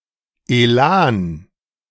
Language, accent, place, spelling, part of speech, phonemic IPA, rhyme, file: German, Germany, Berlin, Elan, noun, /eˈlaːn/, -aːn, De-Elan.ogg
- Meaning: élan, verve